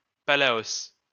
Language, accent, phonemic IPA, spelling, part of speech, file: French, France, /pa.la.os/, Palaos, proper noun, LL-Q150 (fra)-Palaos.wav
- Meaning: Palau (a country consisting of around 340 islands in Micronesia, in Oceania)